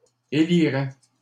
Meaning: third-person plural conditional of élire
- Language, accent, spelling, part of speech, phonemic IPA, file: French, Canada, éliraient, verb, /e.li.ʁɛ/, LL-Q150 (fra)-éliraient.wav